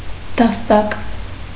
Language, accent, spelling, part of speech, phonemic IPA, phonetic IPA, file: Armenian, Eastern Armenian, դաստակ, noun, /dɑsˈtɑk/, [dɑstɑ́k], Hy-դաստակ.ogg
- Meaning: 1. wrist 2. arm 3. hilt, handle (of a sword) 4. knocker, doorknocker 5. the bar on which the mobile hangs over a cot or crib